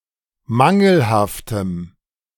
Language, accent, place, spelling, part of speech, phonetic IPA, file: German, Germany, Berlin, mangelhaftem, adjective, [ˈmaŋl̩haftəm], De-mangelhaftem.ogg
- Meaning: strong dative masculine/neuter singular of mangelhaft